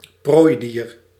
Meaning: prey (animal which typically serves as food for carnivores or flesh-eating plants)
- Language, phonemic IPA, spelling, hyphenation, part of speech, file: Dutch, /ˈproːi̯.diːr/, prooidier, prooi‧dier, noun, Nl-prooidier.ogg